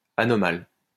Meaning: anomalous
- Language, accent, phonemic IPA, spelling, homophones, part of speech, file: French, France, /a.nɔ.mal/, anomal, anomale / anomales, adjective, LL-Q150 (fra)-anomal.wav